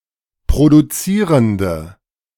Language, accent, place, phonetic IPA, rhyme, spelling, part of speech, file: German, Germany, Berlin, [pʁoduˈt͡siːʁəndə], -iːʁəndə, produzierende, adjective, De-produzierende.ogg
- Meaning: inflection of produzierend: 1. strong/mixed nominative/accusative feminine singular 2. strong nominative/accusative plural 3. weak nominative all-gender singular